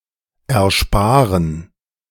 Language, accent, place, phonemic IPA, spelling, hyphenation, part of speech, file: German, Germany, Berlin, /ɛrˈʃpaːrən/, ersparen, er‧spa‧ren, verb, De-ersparen.ogg
- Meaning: 1. to save, save up, put aside (money) (the reflexive pronoun may be left out in order to distinguish more clearly from sense 2) 2. to spare, to save